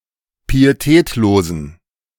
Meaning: inflection of pietätlos: 1. strong genitive masculine/neuter singular 2. weak/mixed genitive/dative all-gender singular 3. strong/weak/mixed accusative masculine singular 4. strong dative plural
- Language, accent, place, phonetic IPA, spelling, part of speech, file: German, Germany, Berlin, [piːeˈtɛːtloːzn̩], pietätlosen, adjective, De-pietätlosen.ogg